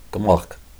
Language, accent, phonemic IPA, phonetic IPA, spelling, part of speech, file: Armenian, Eastern Armenian, /kəˈmɑχkʰ/, [kəmɑ́χkʰ], կմախք, noun, Hy-կմախք.ogg
- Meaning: 1. skeleton 2. very thin person